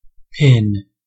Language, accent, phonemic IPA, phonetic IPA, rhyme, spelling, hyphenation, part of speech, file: English, US, /pɪn/, [ˈpʰɪn], -ɪn, pin, pin, noun / verb, En-us-pin.ogg
- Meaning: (noun) A needle without an eye (usually) made of drawn-out steel wire with one end sharpened and the other flattened or rounded into a head, used for fastening